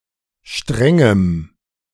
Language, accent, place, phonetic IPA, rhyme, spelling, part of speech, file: German, Germany, Berlin, [ˈʃtʁɛŋəm], -ɛŋəm, strengem, adjective, De-strengem.ogg
- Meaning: strong dative masculine/neuter singular of streng